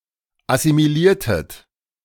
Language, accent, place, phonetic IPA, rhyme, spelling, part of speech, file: German, Germany, Berlin, [asimiˈliːɐ̯tət], -iːɐ̯tət, assimiliertet, verb, De-assimiliertet.ogg
- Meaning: inflection of assimilieren: 1. second-person plural preterite 2. second-person plural subjunctive II